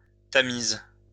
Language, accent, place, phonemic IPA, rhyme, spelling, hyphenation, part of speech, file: French, France, Lyon, /ta.miz/, -iz, Tamise, Ta‧mise, proper noun, LL-Q150 (fra)-Tamise.wav
- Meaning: 1. Thames (river through London) 2. Temse (a town in Belgium)